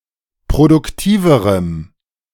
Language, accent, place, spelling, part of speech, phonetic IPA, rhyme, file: German, Germany, Berlin, produktiverem, adjective, [pʁodʊkˈtiːvəʁəm], -iːvəʁəm, De-produktiverem.ogg
- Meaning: strong dative masculine/neuter singular comparative degree of produktiv